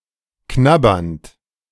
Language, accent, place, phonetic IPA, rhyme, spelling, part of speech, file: German, Germany, Berlin, [ˈknabɐnt], -abɐnt, knabbernd, verb, De-knabbernd.ogg
- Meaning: present participle of knabbern